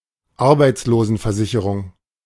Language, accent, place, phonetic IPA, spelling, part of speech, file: German, Germany, Berlin, [ˈaʁbaɪ̯t͡sloːzn̩fɛɐ̯ˌzɪçəʁʊŋ], Arbeitslosenversicherung, noun, De-Arbeitslosenversicherung.ogg
- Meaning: unemployment insurance